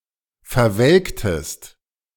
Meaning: inflection of verwelken: 1. second-person singular preterite 2. second-person singular subjunctive II
- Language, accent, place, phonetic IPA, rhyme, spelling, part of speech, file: German, Germany, Berlin, [fɛɐ̯ˈvɛlktəst], -ɛlktəst, verwelktest, verb, De-verwelktest.ogg